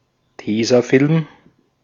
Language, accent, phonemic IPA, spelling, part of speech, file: German, Austria, /ˈteːzaˌfɪlm/, Tesafilm, noun, De-at-Tesafilm.ogg
- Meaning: 1. (UK, Ireland, Australia, NZ) sellotape; (UK, AU) sticky tape; (US) Scotch tape; adhesive tape, office tape 2. adhesive tape in general